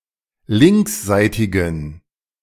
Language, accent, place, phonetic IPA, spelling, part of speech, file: German, Germany, Berlin, [ˈlɪŋksˌzaɪ̯tɪɡn̩], linksseitigen, adjective, De-linksseitigen.ogg
- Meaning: inflection of linksseitig: 1. strong genitive masculine/neuter singular 2. weak/mixed genitive/dative all-gender singular 3. strong/weak/mixed accusative masculine singular 4. strong dative plural